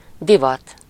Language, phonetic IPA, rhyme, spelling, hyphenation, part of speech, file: Hungarian, [ˈdivɒt], -ɒt, divat, di‧vat, noun, Hu-divat.ogg
- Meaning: fashion